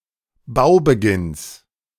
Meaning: genitive singular of Baubeginn
- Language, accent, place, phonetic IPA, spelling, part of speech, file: German, Germany, Berlin, [ˈbaʊ̯bəˌɡɪns], Baubeginns, noun, De-Baubeginns.ogg